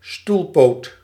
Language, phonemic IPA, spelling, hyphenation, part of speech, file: Dutch, /ˈstul.poːt/, stoelpoot, stoel‧poot, noun, Nl-stoelpoot.ogg
- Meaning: a leg of a chair